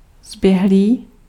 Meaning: versed
- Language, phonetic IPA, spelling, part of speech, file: Czech, [ˈzbjɛɦliː], zběhlý, adjective, Cs-zběhlý.ogg